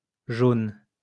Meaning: plural of jaune
- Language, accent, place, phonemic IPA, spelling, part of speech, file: French, France, Lyon, /ʒon/, jaunes, noun, LL-Q150 (fra)-jaunes.wav